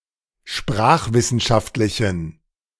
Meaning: inflection of sprachwissenschaftlich: 1. strong genitive masculine/neuter singular 2. weak/mixed genitive/dative all-gender singular 3. strong/weak/mixed accusative masculine singular
- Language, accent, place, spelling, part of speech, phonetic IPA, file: German, Germany, Berlin, sprachwissenschaftlichen, adjective, [ˈʃpʁaːxvɪsn̩ˌʃaftlɪçn̩], De-sprachwissenschaftlichen.ogg